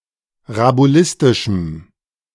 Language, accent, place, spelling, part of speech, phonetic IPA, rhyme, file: German, Germany, Berlin, rabulistischem, adjective, [ʁabuˈlɪstɪʃm̩], -ɪstɪʃm̩, De-rabulistischem.ogg
- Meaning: strong dative masculine/neuter singular of rabulistisch